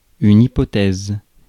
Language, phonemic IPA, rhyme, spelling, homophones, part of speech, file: French, /i.pɔ.tɛz/, -ɛz, hypothèse, hypothèses, noun, Fr-hypothèse.ogg
- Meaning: hypothesis